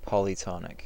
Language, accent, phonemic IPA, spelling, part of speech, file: English, US, /ˌpɑliˈtɑnɪk/, polytonic, adjective, En-us-polytonic.ogg
- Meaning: Having several tones